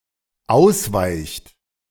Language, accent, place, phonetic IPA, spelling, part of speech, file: German, Germany, Berlin, [ˈaʊ̯sˌvaɪ̯çt], ausweicht, verb, De-ausweicht.ogg
- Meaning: inflection of ausweichen: 1. third-person singular dependent present 2. second-person plural dependent present